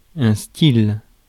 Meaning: 1. style (manner of doing something) 2. style (of a flower) 3. fashion, trend, style 4. style (personal comportment) 5. flair
- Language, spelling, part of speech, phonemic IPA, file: French, style, noun, /stil/, Fr-style.ogg